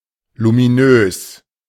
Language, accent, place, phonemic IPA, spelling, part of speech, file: German, Germany, Berlin, /lumiˈnøːs/, luminös, adjective, De-luminös.ogg
- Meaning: luminous